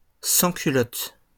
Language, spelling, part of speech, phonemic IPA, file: French, sans-culottes, noun, /sɑ̃.ky.lɔt/, LL-Q150 (fra)-sans-culottes.wav
- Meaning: plural of sans-culotte